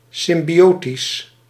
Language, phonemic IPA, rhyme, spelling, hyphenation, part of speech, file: Dutch, /ˌsɪm.biˈoː.tis/, -oːtis, symbiotisch, sym‧bio‧tisch, adjective, Nl-symbiotisch.ogg
- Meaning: symbiotic